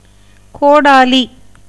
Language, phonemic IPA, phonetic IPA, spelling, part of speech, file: Tamil, /koːɖɑːliː/, [koːɖäːliː], கோடாலி, noun, Ta-கோடாலி.ogg
- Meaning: axe, hatchet